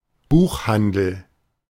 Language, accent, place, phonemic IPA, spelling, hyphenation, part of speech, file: German, Germany, Berlin, /ˈbuːχˌhandl̩/, Buchhandel, Buch‧han‧del, noun, De-Buchhandel.ogg
- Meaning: book trade; publishing business